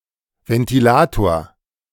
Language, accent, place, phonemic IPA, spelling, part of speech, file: German, Germany, Berlin, /vɛntiˈlaːtoːr/, Ventilator, noun, De-Ventilator.ogg
- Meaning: electric (or mechanical) fan, ventilator (machine that induces airflow)